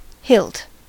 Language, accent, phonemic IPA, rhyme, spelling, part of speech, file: English, US, /hɪlt/, -ɪlt, hilt, noun / verb, En-us-hilt.ogg
- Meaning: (noun) 1. The handle of a sword, consisting of grip, guard, and pommel, designed to facilitate use of the blade and afford protection to the hand 2. The base of the penis